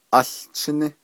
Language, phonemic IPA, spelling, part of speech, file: Navajo, /ʔɑ́ɬt͡ʃʰɪ́nɪ́/, áłchíní, noun, Nv-áłchíní.ogg
- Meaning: 1. children 2. family (wife and children)